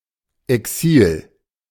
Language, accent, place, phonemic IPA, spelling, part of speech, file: German, Germany, Berlin, /ɛˈksiːl/, Exil, noun, De-Exil.ogg
- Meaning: exile (the state of being banished from one's home or country)